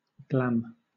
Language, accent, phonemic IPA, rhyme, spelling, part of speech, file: English, Southern England, /ɡlæm/, -æm, glam, noun / adjective / verb, LL-Q1860 (eng)-glam.wav
- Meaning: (noun) 1. Glamour; glamorousness 2. Ellipsis of glam rock, the fashion and culture associated with this genre 3. A glamour; a cosmetic alteration applied to a piece of equipment; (adjective) Glamorous